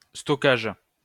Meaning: 1. storage 2. memory
- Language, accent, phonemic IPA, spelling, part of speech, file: French, France, /stɔ.kaʒ/, stockage, noun, LL-Q150 (fra)-stockage.wav